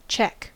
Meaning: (noun) 1. An inspection or examination 2. A control; a limit or stop 3. A situation in which the king is directly threatened by an opposing piece
- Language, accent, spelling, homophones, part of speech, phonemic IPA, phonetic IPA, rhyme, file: English, US, check, cheque / Czech, noun / verb / interjection / adjective, /t͡ʃɛk/, [t͡ʃʰɛk̚], -ɛk, En-us-check.ogg